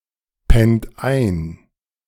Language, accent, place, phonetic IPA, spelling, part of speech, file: German, Germany, Berlin, [ˌpɛnt ˈaɪ̯n], pennt ein, verb, De-pennt ein.ogg
- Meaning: inflection of einpennen: 1. second-person plural present 2. third-person singular present 3. plural imperative